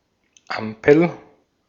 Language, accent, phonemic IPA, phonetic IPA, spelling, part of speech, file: German, Austria, /ˈampəl/, [ˈʔäm.pʰl̩], Ampel, noun, De-at-Ampel.ogg
- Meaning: 1. traffic light 2. ellipsis of Ampelkoalition 3. ceiling lamp (lamp which hangs from the ceiling) 4. container (e.g. for a plant) which hangs from the ceiling